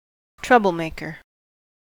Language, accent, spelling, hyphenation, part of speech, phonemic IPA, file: English, US, troublemaker, troub‧le‧mak‧er, noun, /ˈtɹʌbəlˌmeɪkə(ɹ)/, En-us-troublemaker.ogg
- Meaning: 1. One who causes trouble, especially one who does so deliberately 2. A complainer